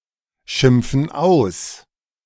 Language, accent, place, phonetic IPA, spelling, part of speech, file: German, Germany, Berlin, [ˌʃɪmp͡fn̩ ˈaʊ̯s], schimpfen aus, verb, De-schimpfen aus.ogg
- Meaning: inflection of ausschimpfen: 1. first/third-person plural present 2. first/third-person plural subjunctive I